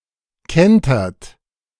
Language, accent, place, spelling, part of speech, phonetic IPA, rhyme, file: German, Germany, Berlin, kentert, verb, [ˈkɛntɐt], -ɛntɐt, De-kentert.ogg
- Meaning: inflection of kentern: 1. third-person singular present 2. second-person plural present 3. plural imperative